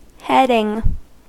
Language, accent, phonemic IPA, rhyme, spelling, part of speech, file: English, US, /ˈhɛdɪŋ/, -ɛdɪŋ, heading, verb / noun, En-us-heading.ogg
- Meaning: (verb) present participle and gerund of head; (noun) The title or topic of a document, article, chapter, or of a section thereof